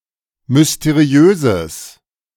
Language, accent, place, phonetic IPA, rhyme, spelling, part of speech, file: German, Germany, Berlin, [mʏsteˈʁi̯øːzəs], -øːzəs, mysteriöses, adjective, De-mysteriöses.ogg
- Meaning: strong/mixed nominative/accusative neuter singular of mysteriös